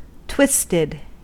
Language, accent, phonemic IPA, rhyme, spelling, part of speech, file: English, US, /ˈtwɪstɪd/, -ɪstɪd, twisted, adjective / verb, En-us-twisted.ogg
- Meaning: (adjective) 1. Consisting of two or more threads, strands or the like intertwined; formed by twisting or twining 2. Mentally or emotionally distorted or unsound; perverted